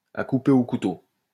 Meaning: 1. very dense, very thick, thick as a pea soup 2. very heavy, very thick, very strong; that you could cut with a knife
- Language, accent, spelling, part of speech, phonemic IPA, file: French, France, à couper au couteau, adjective, /a ku.pe o ku.to/, LL-Q150 (fra)-à couper au couteau.wav